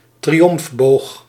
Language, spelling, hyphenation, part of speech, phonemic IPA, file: Dutch, triomfboog, tri‧omf‧boog, noun, /triˈɔmfˌboːx/, Nl-triomfboog.ogg
- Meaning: triumphal arch